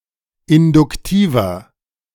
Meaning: inflection of induktiv: 1. strong/mixed nominative masculine singular 2. strong genitive/dative feminine singular 3. strong genitive plural
- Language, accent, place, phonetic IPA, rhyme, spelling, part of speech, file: German, Germany, Berlin, [ɪndʊkˈtiːvɐ], -iːvɐ, induktiver, adjective, De-induktiver.ogg